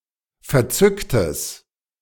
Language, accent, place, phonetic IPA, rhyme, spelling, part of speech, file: German, Germany, Berlin, [fɛɐ̯ˈt͡sʏktəs], -ʏktəs, verzücktes, adjective, De-verzücktes.ogg
- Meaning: strong/mixed nominative/accusative neuter singular of verzückt